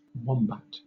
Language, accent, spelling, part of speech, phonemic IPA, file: English, Southern England, wombat, noun, /ˈwɒm.bæt/, LL-Q1860 (eng)-wombat.wav
- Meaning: 1. A herbivorous, burrowing marsupial of the family Vombatidae, mainly found in southern and eastern Australia 2. A slow and stupid person; a dullard